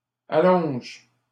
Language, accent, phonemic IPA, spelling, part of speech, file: French, Canada, /a.lɔ̃ʒ/, allonge, verb, LL-Q150 (fra)-allonge.wav
- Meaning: inflection of allonger: 1. first/third-person singular present indicative/subjunctive 2. second-person singular imperative